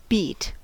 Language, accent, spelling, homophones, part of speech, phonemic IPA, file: English, US, beat, beet / bet, noun / verb / adjective, /biːt/, En-us-beat.ogg
- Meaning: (noun) 1. A stroke; a blow 2. A pulsation or throb 3. A pulse on the beat level, the metric level at which pulses are heard as the basic unit. Thus a beat is the basic time unit of a piece 4. A rhythm